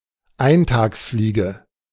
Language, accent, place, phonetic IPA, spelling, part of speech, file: German, Germany, Berlin, [ˈaɪ̯ntaːksˌfliːɡə], Eintagsfliege, noun, De-Eintagsfliege.ogg
- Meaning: 1. mayfly 2. nine day wonder, flash in the pan (something that generates interest for a limited time and is then abandoned)